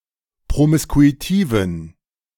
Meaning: inflection of promiskuitiv: 1. strong genitive masculine/neuter singular 2. weak/mixed genitive/dative all-gender singular 3. strong/weak/mixed accusative masculine singular 4. strong dative plural
- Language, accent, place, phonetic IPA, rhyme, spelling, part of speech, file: German, Germany, Berlin, [pʁomɪskuiˈtiːvn̩], -iːvn̩, promiskuitiven, adjective, De-promiskuitiven.ogg